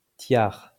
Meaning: 1. tiara (jewelry) 2. tiara (papal headgear)
- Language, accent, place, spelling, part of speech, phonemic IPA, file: French, France, Lyon, tiare, noun, /tjaʁ/, LL-Q150 (fra)-tiare.wav